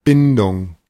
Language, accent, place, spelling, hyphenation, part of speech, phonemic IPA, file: German, Germany, Berlin, Bindung, Bin‧dung, noun, /ˈbɪndʊŋ(k)/, De-Bindung.ogg
- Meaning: 1. bond, attachment 2. commitment, obligation 3. bond 4. liaison, resyllabification across the word boundary, sandhi